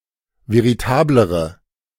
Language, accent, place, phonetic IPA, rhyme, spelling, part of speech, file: German, Germany, Berlin, [veʁiˈtaːbləʁə], -aːbləʁə, veritablere, adjective, De-veritablere.ogg
- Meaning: inflection of veritabel: 1. strong/mixed nominative/accusative feminine singular comparative degree 2. strong nominative/accusative plural comparative degree